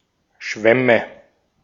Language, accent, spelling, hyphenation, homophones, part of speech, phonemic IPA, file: German, Austria, Schwämme, Schwäm‧me, schwemme / Schwemme / schwämme, noun, /ˈʃvɛmə/, De-at-Schwämme.ogg
- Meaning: nominative/accusative/genitive plural of Schwamm